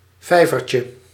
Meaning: diminutive of vijver
- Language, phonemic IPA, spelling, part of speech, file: Dutch, /ˈvɛivərcə/, vijvertje, noun, Nl-vijvertje.ogg